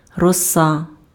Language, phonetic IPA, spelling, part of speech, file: Ukrainian, [rɔˈsa], роса, noun, Uk-роса.ogg
- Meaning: dew